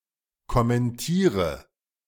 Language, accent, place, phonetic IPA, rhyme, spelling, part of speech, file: German, Germany, Berlin, [kɔmɛnˈtiːʁə], -iːʁə, kommentiere, verb, De-kommentiere.ogg
- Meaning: inflection of kommentieren: 1. first-person singular present 2. singular imperative 3. first/third-person singular subjunctive I